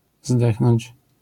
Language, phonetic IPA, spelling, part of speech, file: Polish, [ˈzdɛxnɔ̃ɲt͡ɕ], zdechnąć, verb, LL-Q809 (pol)-zdechnąć.wav